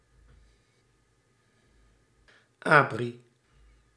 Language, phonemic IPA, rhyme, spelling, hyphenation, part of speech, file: Dutch, /aːˈbri/, -i, abri, abri, noun, Nl-abri.ogg
- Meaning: 1. shelter for public transport 2. protection from wind by a cyclist's or biker's wake 3. bomb shelter, bunker 4. rock shelter, rock overhang